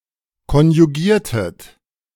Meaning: inflection of konjugieren: 1. second-person plural preterite 2. second-person plural subjunctive II
- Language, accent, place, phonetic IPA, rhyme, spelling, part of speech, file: German, Germany, Berlin, [kɔnjuˈɡiːɐ̯tət], -iːɐ̯tət, konjugiertet, verb, De-konjugiertet.ogg